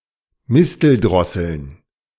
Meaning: plural of Misteldrossel
- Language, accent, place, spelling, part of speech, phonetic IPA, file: German, Germany, Berlin, Misteldrosseln, noun, [ˈmɪstəlˌdʁɔsəln], De-Misteldrosseln.ogg